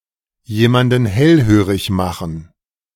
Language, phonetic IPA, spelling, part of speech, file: German, [ˌjeːmandn̩ ˈhɛlhøːʁɪç ˌmaxn̩], jemanden hellhörig machen, phrase, De-jemanden hellhörig machen.ogg